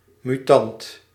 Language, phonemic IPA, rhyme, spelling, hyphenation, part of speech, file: Dutch, /myˈtɑnt/, -ɑnt, mutant, mu‧tant, noun, Nl-mutant.ogg
- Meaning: mutant